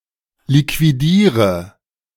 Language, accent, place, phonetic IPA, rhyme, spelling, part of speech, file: German, Germany, Berlin, [likviˈdiːʁə], -iːʁə, liquidiere, verb, De-liquidiere.ogg
- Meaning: inflection of liquidieren: 1. first-person singular present 2. singular imperative 3. first/third-person singular subjunctive I